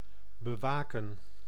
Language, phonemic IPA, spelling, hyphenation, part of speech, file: Dutch, /bəˈʋaːkə(n)/, bewaken, be‧wa‧ken, verb, Nl-bewaken.ogg
- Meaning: to watch over, to guard